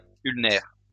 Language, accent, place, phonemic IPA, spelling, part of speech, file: French, France, Lyon, /yl.nɛʁ/, ulnaire, adjective, LL-Q150 (fra)-ulnaire.wav
- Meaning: ulnar